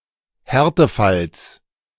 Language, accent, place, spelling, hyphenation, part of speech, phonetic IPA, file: German, Germany, Berlin, Härtefalls, Här‧te‧falls, noun, [ˈhɛʁtəˌfals], De-Härtefalls.ogg
- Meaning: genitive singular of Härtefall